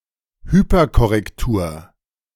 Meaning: hypercorrection (use of a nonstandard form)
- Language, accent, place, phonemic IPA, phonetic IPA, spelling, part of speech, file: German, Germany, Berlin, /ˈhyːper.kɔrɛkˌtuːr/, [ˈhyːpɐkɔʁɛkˌtuːɐ̯], Hyperkorrektur, noun, De-Hyperkorrektur.ogg